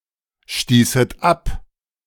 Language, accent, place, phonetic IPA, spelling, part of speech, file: German, Germany, Berlin, [ˌʃtiːsət ˈap], stießet ab, verb, De-stießet ab.ogg
- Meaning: second-person plural subjunctive II of abstoßen